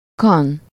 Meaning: 1. male pig 2. male boar (wild boar) 3. male (of dogs or other domestic animals not larger than a pig) 4. hunk, stud (a man with a sexual life more active than usual)
- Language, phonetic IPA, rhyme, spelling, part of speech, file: Hungarian, [ˈkɒn], -ɒn, kan, noun, Hu-kan.ogg